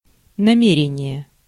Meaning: intention, intent, purpose (course intended to be followed)
- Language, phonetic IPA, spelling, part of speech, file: Russian, [nɐˈmʲerʲɪnʲɪje], намерение, noun, Ru-намерение.ogg